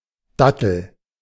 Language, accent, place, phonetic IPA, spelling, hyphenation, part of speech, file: German, Germany, Berlin, [ˈdatl̩], Dattel, Dat‧tel, noun, De-Dattel.ogg
- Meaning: date (fruit; tree)